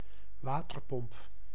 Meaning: water pump
- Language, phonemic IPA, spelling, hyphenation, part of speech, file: Dutch, /ˈʋaː.tərˌpɔmp/, waterpomp, wa‧ter‧pomp, noun, Nl-waterpomp.ogg